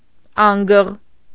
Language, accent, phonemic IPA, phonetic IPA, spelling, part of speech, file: Armenian, Eastern Armenian, /ˈɑnɡəʁ/, [ɑ́ŋɡəʁ], անգղ, noun, Hy-անգղ.ogg
- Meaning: vulture